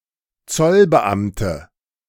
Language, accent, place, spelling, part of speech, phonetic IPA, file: German, Germany, Berlin, Zollbeamte, noun, [ˈt͡sɔlbəˌʔamtə], De-Zollbeamte.ogg
- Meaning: inflection of Zollbeamter: 1. strong nominative/accusative plural 2. weak nominative singular